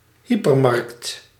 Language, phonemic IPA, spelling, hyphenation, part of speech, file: Dutch, /ˈɦi.pərˌmɑrkt/, hypermarkt, hy‧per‧markt, noun, Nl-hypermarkt.ogg
- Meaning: a hypermarket